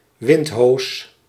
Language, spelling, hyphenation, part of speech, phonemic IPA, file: Dutch, windhoos, wind‧hoos, noun, /ˈʋɪntɦoːs/, Nl-windhoos.ogg
- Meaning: whirlwind